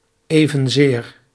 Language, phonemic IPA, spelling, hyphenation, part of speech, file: Dutch, /ˌeː.və(n)ˈzeːr/, evenzeer, even‧zeer, adverb, Nl-evenzeer.ogg
- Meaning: likewise